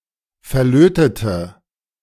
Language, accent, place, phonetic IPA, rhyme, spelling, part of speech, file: German, Germany, Berlin, [fɛɐ̯ˈløːtətə], -øːtətə, verlötete, adjective / verb, De-verlötete.ogg
- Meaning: inflection of verlöten: 1. first/third-person singular preterite 2. first/third-person singular subjunctive II